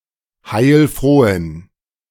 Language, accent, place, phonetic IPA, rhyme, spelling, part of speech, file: German, Germany, Berlin, [haɪ̯lˈfʁoːən], -oːən, heilfrohen, adjective, De-heilfrohen.ogg
- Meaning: inflection of heilfroh: 1. strong genitive masculine/neuter singular 2. weak/mixed genitive/dative all-gender singular 3. strong/weak/mixed accusative masculine singular 4. strong dative plural